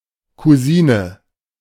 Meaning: alternative spelling of Cousine
- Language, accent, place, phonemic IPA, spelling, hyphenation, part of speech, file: German, Germany, Berlin, /kuˈziːnə/, Kusine, Ku‧si‧ne, noun, De-Kusine.ogg